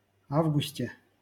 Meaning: prepositional singular of а́вгуст (ávgust)
- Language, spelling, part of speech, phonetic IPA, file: Russian, августе, noun, [ˈavɡʊsʲtʲe], LL-Q7737 (rus)-августе.wav